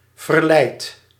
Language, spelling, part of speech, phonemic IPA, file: Dutch, verleid, verb, /vərlɛit/, Nl-verleid.ogg
- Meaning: inflection of verleiden: 1. first-person singular present indicative 2. second-person singular present indicative 3. imperative